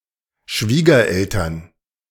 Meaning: parents-in-law
- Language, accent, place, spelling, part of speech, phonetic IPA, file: German, Germany, Berlin, Schwiegereltern, noun, [ˈʃviːɡɐˌʔɛltɐn], De-Schwiegereltern.ogg